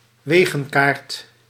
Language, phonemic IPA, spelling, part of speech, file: Dutch, /ˈweɣə(n)ˌkart/, wegenkaart, noun, Nl-wegenkaart.ogg
- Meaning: road map